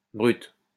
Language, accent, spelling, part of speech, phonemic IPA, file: French, France, brute, adjective / noun, /bʁyt/, LL-Q150 (fra)-brute.wav
- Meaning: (adjective) feminine singular of brut; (noun) 1. brute (animal lacking in reason, intelligence and sensibility) 2. person without reason, person devoid of reason